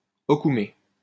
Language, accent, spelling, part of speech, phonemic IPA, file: French, France, okoumé, noun, /ɔ.ku.me/, LL-Q150 (fra)-okoumé.wav
- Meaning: Aucoumea klaineana, an African hardwood